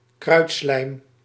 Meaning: a fatty residue produced by gunshots
- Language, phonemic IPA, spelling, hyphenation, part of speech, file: Dutch, /ˈkrœy̯t.slɛi̯m/, kruitslijm, kruit‧slijm, noun, Nl-kruitslijm.ogg